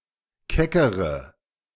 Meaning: inflection of keck: 1. strong/mixed nominative/accusative feminine singular comparative degree 2. strong nominative/accusative plural comparative degree
- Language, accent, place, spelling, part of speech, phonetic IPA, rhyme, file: German, Germany, Berlin, keckere, adjective / verb, [ˈkɛkəʁə], -ɛkəʁə, De-keckere.ogg